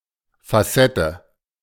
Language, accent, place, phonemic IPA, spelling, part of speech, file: German, Germany, Berlin, /faˈsɛtə/, Facette, noun, De-Facette.ogg
- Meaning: facet